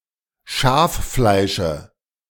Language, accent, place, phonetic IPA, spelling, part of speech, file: German, Germany, Berlin, [ˈʃaːfˌflaɪ̯ʃə], Schaffleische, noun, De-Schaffleische.ogg
- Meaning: dative of Schaffleisch